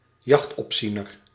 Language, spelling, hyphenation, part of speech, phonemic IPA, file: Dutch, jachtopziener, jacht‧op‧zie‧ner, noun, /ˈjɑxt.ɔpˌzi.nər/, Nl-jachtopziener.ogg
- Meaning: a gamekeeper